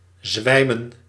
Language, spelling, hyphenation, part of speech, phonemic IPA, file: Dutch, zwijmen, zwij‧men, verb, /ˈzʋɛi̯mə(n)/, Nl-zwijmen.ogg
- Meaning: 1. to faint, to swoon 2. to lose strength, to collapse